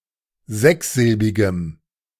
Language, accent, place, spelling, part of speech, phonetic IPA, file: German, Germany, Berlin, sechssilbigem, adjective, [ˈzɛksˌzɪlbɪɡəm], De-sechssilbigem.ogg
- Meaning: strong dative masculine/neuter singular of sechssilbig